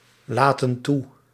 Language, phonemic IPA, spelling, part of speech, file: Dutch, /ˈlatə(n) ˈtu/, laten toe, verb, Nl-laten toe.ogg
- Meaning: inflection of toelaten: 1. plural present indicative 2. plural present subjunctive